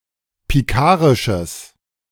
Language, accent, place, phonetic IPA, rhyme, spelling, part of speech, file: German, Germany, Berlin, [piˈkaːʁɪʃəs], -aːʁɪʃəs, pikarisches, adjective, De-pikarisches.ogg
- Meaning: strong/mixed nominative/accusative neuter singular of pikarisch